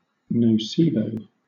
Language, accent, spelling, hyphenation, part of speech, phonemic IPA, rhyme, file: English, Southern England, nocebo, no‧ce‧bo, noun, /nəʊˈsiː.bəʊ/, -iːbəʊ, LL-Q1860 (eng)-nocebo.wav
- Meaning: A substance which a patient experiences as harmful due to a previous negative perception, but which is in fact pharmacologically (medicinally) inactive